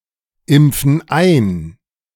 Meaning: inflection of einimpfen: 1. first/third-person plural present 2. first/third-person plural subjunctive I
- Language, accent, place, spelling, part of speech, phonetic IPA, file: German, Germany, Berlin, impfen ein, verb, [ˌɪmp͡fn̩ ˈaɪ̯n], De-impfen ein.ogg